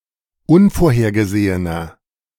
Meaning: inflection of unvorhergesehen: 1. strong/mixed nominative masculine singular 2. strong genitive/dative feminine singular 3. strong genitive plural
- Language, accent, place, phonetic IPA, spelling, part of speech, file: German, Germany, Berlin, [ˈʊnfoːɐ̯heːɐ̯ɡəˌzeːənɐ], unvorhergesehener, adjective, De-unvorhergesehener.ogg